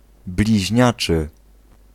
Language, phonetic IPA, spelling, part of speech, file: Polish, [blʲiʑˈɲat͡ʃɨ], bliźniaczy, adjective, Pl-bliźniaczy.ogg